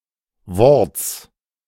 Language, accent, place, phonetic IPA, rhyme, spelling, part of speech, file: German, Germany, Berlin, [vɔʁt͡s], -ɔʁt͡s, Worts, noun, De-Worts.ogg
- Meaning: genitive singular of Wort